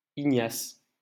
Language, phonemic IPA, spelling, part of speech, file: French, /i.ɲas/, Ignace, proper noun, LL-Q150 (fra)-Ignace.wav
- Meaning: a male given name, equivalent to English Ignatius